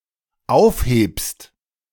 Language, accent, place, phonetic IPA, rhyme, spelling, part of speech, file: German, Germany, Berlin, [ˈaʊ̯fˌheːpst], -aʊ̯fheːpst, aufhebst, verb, De-aufhebst.ogg
- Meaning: second-person singular dependent present of aufheben